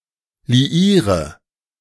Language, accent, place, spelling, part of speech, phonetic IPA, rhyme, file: German, Germany, Berlin, liiere, verb, [liˈiːʁə], -iːʁə, De-liiere.ogg
- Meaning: inflection of liieren: 1. first-person singular present 2. singular imperative 3. first/third-person singular subjunctive I